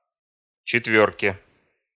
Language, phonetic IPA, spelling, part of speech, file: Russian, [t͡ɕɪtˈvʲɵrkʲe], четвёрке, noun, Ru-четвёрке.ogg
- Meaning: dative/prepositional singular of четвёрка (četvjórka)